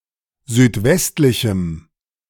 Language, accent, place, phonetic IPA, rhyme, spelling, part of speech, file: German, Germany, Berlin, [zyːtˈvɛstlɪçm̩], -ɛstlɪçm̩, südwestlichem, adjective, De-südwestlichem.ogg
- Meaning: strong dative masculine/neuter singular of südwestlich